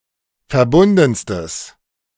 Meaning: strong/mixed nominative/accusative neuter singular superlative degree of verbunden
- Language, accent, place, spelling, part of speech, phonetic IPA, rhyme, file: German, Germany, Berlin, verbundenstes, adjective, [fɛɐ̯ˈbʊndn̩stəs], -ʊndn̩stəs, De-verbundenstes.ogg